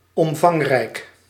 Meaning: sizable, bulky, extensive
- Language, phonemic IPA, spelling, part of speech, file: Dutch, /ˌɔmˈvɑŋ.rɛi̯k/, omvangrijk, adjective, Nl-omvangrijk.ogg